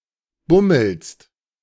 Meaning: second-person singular present of bummeln
- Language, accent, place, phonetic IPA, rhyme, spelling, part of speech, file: German, Germany, Berlin, [ˈbʊml̩st], -ʊml̩st, bummelst, verb, De-bummelst.ogg